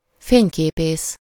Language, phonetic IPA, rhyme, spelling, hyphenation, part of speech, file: Hungarian, [ˈfeːɲkeːpeːs], -eːs, fényképész, fény‧ké‧pész, noun, Hu-fényképész.ogg
- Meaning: photographer